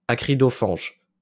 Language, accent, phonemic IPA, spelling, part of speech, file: French, France, /a.kʁi.dɔ.faʒ/, acridophage, noun / adjective, LL-Q150 (fra)-acridophage.wav
- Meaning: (noun) acridophagus; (adjective) acridophagous